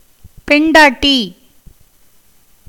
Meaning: wife
- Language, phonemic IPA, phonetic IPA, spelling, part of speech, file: Tamil, /pɛɳɖɑːʈːiː/, [pe̞ɳɖäːʈːiː], பெண்டாட்டி, noun, Ta-பெண்டாட்டி.ogg